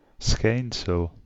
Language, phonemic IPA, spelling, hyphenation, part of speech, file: Dutch, /ˈsxɛi̯n.səl/, schijnsel, schijn‧sel, noun, Nl-schijnsel.ogg
- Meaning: radiance, glow